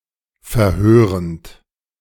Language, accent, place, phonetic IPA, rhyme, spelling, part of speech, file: German, Germany, Berlin, [fɛɐ̯ˈhøːʁənt], -øːʁənt, verhörend, verb, De-verhörend.ogg
- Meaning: present participle of verhören